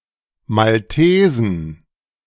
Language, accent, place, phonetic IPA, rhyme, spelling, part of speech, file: German, Germany, Berlin, [malˈteːzn̩], -eːzn̩, Maltesen, noun, De-Maltesen.ogg
- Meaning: inflection of Maltese: 1. genitive/dative/accusative singular 2. nominative/genitive/dative/accusative plural